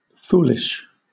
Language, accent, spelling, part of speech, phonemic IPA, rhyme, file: English, Southern England, foolish, adjective, /ˈfuː.lɪʃ/, -uːlɪʃ, LL-Q1860 (eng)-foolish.wav
- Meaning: 1. Lacking good sense or judgement as a general trait; unwise; stupid 2. Not based on good sense or judgement; as a fool would do or conclude 3. Resembling or characteristic of a fool